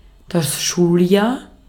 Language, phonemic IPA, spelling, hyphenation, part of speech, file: German, /ˈʃuːlˌjaːɐ̯/, Schuljahr, Schul‧jahr, noun, De-at-Schuljahr.ogg
- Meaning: academic year, school year